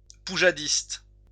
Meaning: 1. Poujadist 2. person with a reactionary petit-bourgeois attitude
- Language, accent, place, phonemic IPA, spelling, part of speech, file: French, France, Lyon, /pu.ʒa.dist/, poujadiste, noun, LL-Q150 (fra)-poujadiste.wav